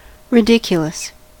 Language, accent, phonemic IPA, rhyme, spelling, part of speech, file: English, US, /ɹɪˈdɪk.jə.ləs/, -ɪkjələs, ridiculous, adjective, En-us-ridiculous.ogg
- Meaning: 1. Deserving of ridicule; foolish, absurd 2. Astonishing, extreme, unbelievable